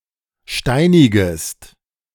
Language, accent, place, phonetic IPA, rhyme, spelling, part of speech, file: German, Germany, Berlin, [ˈʃtaɪ̯nɪɡəst], -aɪ̯nɪɡəst, steinigest, verb, De-steinigest.ogg
- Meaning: second-person singular subjunctive I of steinigen